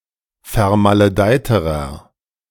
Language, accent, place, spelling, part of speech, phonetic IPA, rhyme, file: German, Germany, Berlin, vermaledeiterer, adjective, [fɛɐ̯maləˈdaɪ̯təʁɐ], -aɪ̯təʁɐ, De-vermaledeiterer.ogg
- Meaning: inflection of vermaledeit: 1. strong/mixed nominative masculine singular comparative degree 2. strong genitive/dative feminine singular comparative degree 3. strong genitive plural comparative degree